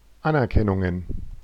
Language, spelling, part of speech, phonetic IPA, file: German, Anerkennungen, noun, [ˈanʔɛɐ̯kɛnʊŋən], De-Anerkennungen.oga
- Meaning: plural of Anerkennung